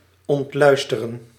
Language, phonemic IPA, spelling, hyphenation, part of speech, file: Dutch, /ɔntˈlœy̯stərə(n)/, ontluisteren, ont‧luis‧te‧ren, verb, Nl-ontluisteren.ogg
- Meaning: to tarnish, to remove lustre